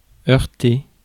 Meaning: 1. to strike, hit 2. to clash, conflict with 3. to crash, collide (together) 4. to clash
- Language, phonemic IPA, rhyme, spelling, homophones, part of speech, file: French, /œʁ.te/, -e, heurter, heurtai / heurté / heurtée / heurtées / heurtés / heurtez, verb, Fr-heurter.ogg